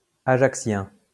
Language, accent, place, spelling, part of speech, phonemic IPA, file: French, France, Lyon, ajaccien, adjective, /a.ʒak.sjɛ̃/, LL-Q150 (fra)-ajaccien.wav
- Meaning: Ajaccian (of or relating to Ajaccio, Corsica)